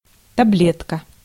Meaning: 1. pill, tablet (small object for swallowing) 2. coin cell
- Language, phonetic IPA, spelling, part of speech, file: Russian, [tɐˈblʲetkə], таблетка, noun, Ru-таблетка.ogg